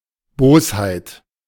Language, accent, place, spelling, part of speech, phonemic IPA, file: German, Germany, Berlin, Bosheit, noun, /ˈboːshaɪ̯t/, De-Bosheit.ogg
- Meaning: malice, spite, wickedness